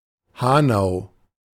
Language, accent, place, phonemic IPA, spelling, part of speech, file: German, Germany, Berlin, /ˈhaːnaʊ̯/, Hanau, proper noun, De-Hanau.ogg
- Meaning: a town in Hesse, Germany